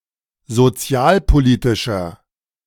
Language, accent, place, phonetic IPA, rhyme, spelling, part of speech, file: German, Germany, Berlin, [zoˈt͡si̯aːlpoˌliːtɪʃɐ], -aːlpoliːtɪʃɐ, sozialpolitischer, adjective, De-sozialpolitischer.ogg
- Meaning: inflection of sozialpolitisch: 1. strong/mixed nominative masculine singular 2. strong genitive/dative feminine singular 3. strong genitive plural